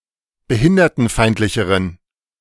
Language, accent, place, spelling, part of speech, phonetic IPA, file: German, Germany, Berlin, behindertenfeindlicheren, adjective, [bəˈhɪndɐtn̩ˌfaɪ̯ntlɪçəʁən], De-behindertenfeindlicheren.ogg
- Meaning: inflection of behindertenfeindlich: 1. strong genitive masculine/neuter singular comparative degree 2. weak/mixed genitive/dative all-gender singular comparative degree